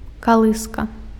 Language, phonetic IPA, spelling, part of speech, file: Belarusian, [kaˈɫɨska], калыска, noun, Be-калыска.ogg
- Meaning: 1. cradle 2. swing